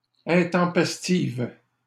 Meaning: feminine singular of intempestif
- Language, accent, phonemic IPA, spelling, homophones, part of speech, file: French, Canada, /ɛ̃.tɑ̃.pɛs.tiv/, intempestive, intempestives, adjective, LL-Q150 (fra)-intempestive.wav